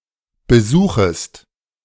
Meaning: second-person singular subjunctive I of besuchen
- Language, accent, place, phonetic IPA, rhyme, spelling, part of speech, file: German, Germany, Berlin, [bəˈzuːxəst], -uːxəst, besuchest, verb, De-besuchest.ogg